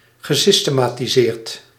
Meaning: past participle of systematiseren
- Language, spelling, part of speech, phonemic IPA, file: Dutch, gesystematiseerd, verb, /ɣəˌsistəˌmatiˈzert/, Nl-gesystematiseerd.ogg